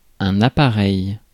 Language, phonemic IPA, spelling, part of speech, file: French, /a.pa.ʁɛj/, appareil, noun, Fr-appareil.ogg
- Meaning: 1. apparatus, device 2. apparatus, device: ellipsis of appareil photo: camera (for photographs) 3. telephone 4. aircraft 5. an arrangement of people, decorations, etc., for purposes of pomp